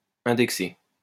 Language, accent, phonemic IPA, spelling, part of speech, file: French, France, /ɛ̃.dɛk.se/, indexer, verb, LL-Q150 (fra)-indexer.wav
- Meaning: to index (put into an index)